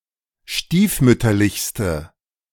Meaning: inflection of stiefmütterlich: 1. strong/mixed nominative/accusative feminine singular superlative degree 2. strong nominative/accusative plural superlative degree
- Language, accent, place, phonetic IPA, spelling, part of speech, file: German, Germany, Berlin, [ˈʃtiːfˌmʏtɐlɪçstə], stiefmütterlichste, adjective, De-stiefmütterlichste.ogg